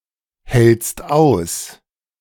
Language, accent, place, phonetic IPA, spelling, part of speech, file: German, Germany, Berlin, [hɛlt͡st ˈaʊ̯s], hältst aus, verb, De-hältst aus.ogg
- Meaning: second-person singular present of aushalten